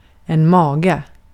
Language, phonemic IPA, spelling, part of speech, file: Swedish, /²mɑːɡɛ/, mage, noun, Sv-mage.ogg
- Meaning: 1. stomach (organ) 2. stomach, belly (abdomen) 3. nerve, gall (audacity)